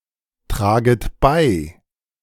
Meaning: second-person plural subjunctive I of beitragen
- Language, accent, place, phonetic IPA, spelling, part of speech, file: German, Germany, Berlin, [ˌtʁaːɡət ˈbaɪ̯], traget bei, verb, De-traget bei.ogg